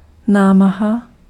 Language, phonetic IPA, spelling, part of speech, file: Czech, [ˈnaːmaɦa], námaha, noun, Cs-námaha.ogg
- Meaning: effort, exertion, pains